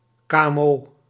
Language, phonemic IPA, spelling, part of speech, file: Dutch, /ˌkaʔɛmˈo/, kmo, noun, Nl-kmo.ogg
- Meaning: initialism of kleine of middelgrote onderneming (SME or small to medium-sized enterprise)